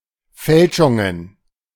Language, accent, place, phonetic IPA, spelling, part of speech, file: German, Germany, Berlin, [ˈfɛlʃʊŋən], Fälschungen, noun, De-Fälschungen.ogg
- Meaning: plural of Fälschung